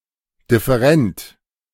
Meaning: different
- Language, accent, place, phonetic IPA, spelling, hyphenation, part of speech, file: German, Germany, Berlin, [dɪfəˈʁɛnt], different, dif‧fe‧rent, adjective, De-different.ogg